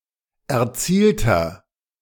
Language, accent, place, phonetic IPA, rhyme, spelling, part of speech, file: German, Germany, Berlin, [ɛɐ̯ˈt͡siːltɐ], -iːltɐ, erzielter, adjective, De-erzielter.ogg
- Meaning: inflection of erzielt: 1. strong/mixed nominative masculine singular 2. strong genitive/dative feminine singular 3. strong genitive plural